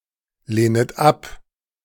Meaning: second-person plural subjunctive I of ablehnen
- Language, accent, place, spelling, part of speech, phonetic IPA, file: German, Germany, Berlin, lehnet ab, verb, [ˌleːnət ˈap], De-lehnet ab.ogg